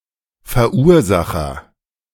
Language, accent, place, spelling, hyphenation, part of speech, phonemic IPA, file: German, Germany, Berlin, Verursacher, Ver‧ur‧sa‧cher, noun, /fɛʁˈʔuːɐ̯zaxɐ/, De-Verursacher.ogg
- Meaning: agent noun of verursachen: 1. causer (someone or something which causes) 2. originator